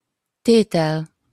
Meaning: 1. verbal noun of tesz (“to do; to put”): doing; putting 2. theorem 3. item, unit 4. movement (a large division of a larger musical composition)
- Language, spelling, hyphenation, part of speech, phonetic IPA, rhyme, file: Hungarian, tétel, té‧tel, noun, [ˈteːtɛl], -ɛl, Hu-tétel.opus